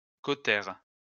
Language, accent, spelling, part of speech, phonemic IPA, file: French, France, cautère, noun, /ko.tɛʁ/, LL-Q150 (fra)-cautère.wav
- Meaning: cautery (all senses)